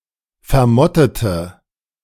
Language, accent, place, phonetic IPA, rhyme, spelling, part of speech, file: German, Germany, Berlin, [fɛɐ̯ˈmɔtətə], -ɔtətə, vermottete, adjective, De-vermottete.ogg
- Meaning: inflection of vermottet: 1. strong/mixed nominative/accusative feminine singular 2. strong nominative/accusative plural 3. weak nominative all-gender singular